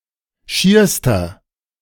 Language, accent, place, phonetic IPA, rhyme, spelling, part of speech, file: German, Germany, Berlin, [ˈʃiːɐ̯stɐ], -iːɐ̯stɐ, schierster, adjective, De-schierster.ogg
- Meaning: inflection of schier: 1. strong/mixed nominative masculine singular superlative degree 2. strong genitive/dative feminine singular superlative degree 3. strong genitive plural superlative degree